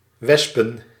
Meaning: plural of wesp
- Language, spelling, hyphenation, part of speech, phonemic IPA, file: Dutch, wespen, wes‧pen, noun, /ˈʋɛspə(n)/, Nl-wespen.ogg